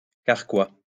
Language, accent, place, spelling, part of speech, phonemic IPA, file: French, France, Lyon, carquois, noun, /kaʁ.kwa/, LL-Q150 (fra)-carquois.wav
- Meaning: quiver (for arrows)